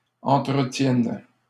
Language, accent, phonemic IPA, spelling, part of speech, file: French, Canada, /ɑ̃.tʁə.tjɛn/, entretiennent, verb, LL-Q150 (fra)-entretiennent.wav
- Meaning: third-person plural present indicative/subjunctive of entretenir